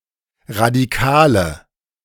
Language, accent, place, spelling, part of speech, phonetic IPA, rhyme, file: German, Germany, Berlin, radikale, adjective, [ʁadiˈkaːlə], -aːlə, De-radikale.ogg
- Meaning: inflection of radikal: 1. strong/mixed nominative/accusative feminine singular 2. strong nominative/accusative plural 3. weak nominative all-gender singular 4. weak accusative feminine/neuter singular